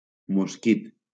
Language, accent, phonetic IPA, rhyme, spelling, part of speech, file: Catalan, Valencia, [mosˈkit], -it, mosquit, noun, LL-Q7026 (cat)-mosquit.wav
- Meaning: 1. mosquito 2. gnat